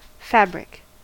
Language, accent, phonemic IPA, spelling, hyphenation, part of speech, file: English, US, /ˈfæb.ɹɪk/, fabric, fab‧ric, noun / verb, En-us-fabric.ogg
- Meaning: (noun) 1. An edifice or building 2. The act of constructing, construction, fabrication 3. The structure of anything, the manner in which the parts of a thing are united; workmanship, texture, make